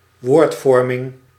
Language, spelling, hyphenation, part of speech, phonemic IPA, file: Dutch, woordvorming, woord‧vor‧ming, noun, /ˈʋoːrtˌfɔr.mɪŋ/, Nl-woordvorming.ogg
- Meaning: word formation